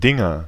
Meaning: nominative/accusative/genitive plural of Ding
- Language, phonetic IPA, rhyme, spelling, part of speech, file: German, [ˈdɪŋɐ], -ɪŋɐ, Dinger, proper noun / noun, De-Dinger.ogg